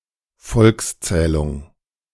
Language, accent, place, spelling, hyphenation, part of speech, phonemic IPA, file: German, Germany, Berlin, Volkszählung, Volks‧zäh‧lung, noun, /ˈfɔlksˌtsɛːlʊŋ/, De-Volkszählung.ogg
- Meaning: census